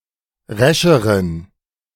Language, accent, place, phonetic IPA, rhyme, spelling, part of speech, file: German, Germany, Berlin, [ˈʁɛʃəʁən], -ɛʃəʁən, rescheren, adjective, De-rescheren.ogg
- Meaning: inflection of resch: 1. strong genitive masculine/neuter singular comparative degree 2. weak/mixed genitive/dative all-gender singular comparative degree